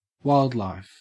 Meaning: 1. undomesticated animals, especially mammals, birds, and fish, which live in the wild 2. Living undomesticated organisms of all kinds
- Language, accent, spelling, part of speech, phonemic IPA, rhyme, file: English, Australia, wildlife, noun, /ˈwaɪldlaɪf/, -aɪldlaɪf, En-au-wildlife.ogg